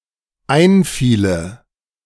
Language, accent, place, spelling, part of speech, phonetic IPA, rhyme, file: German, Germany, Berlin, einfiele, verb, [ˈaɪ̯nˌfiːlə], -aɪ̯nfiːlə, De-einfiele.ogg
- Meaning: first/third-person singular dependent subjunctive II of einfallen